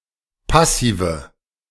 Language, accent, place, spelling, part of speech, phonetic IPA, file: German, Germany, Berlin, Passive, noun, [ˈpasiːvə], De-Passive.ogg
- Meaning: nominative/accusative/genitive plural of Passiv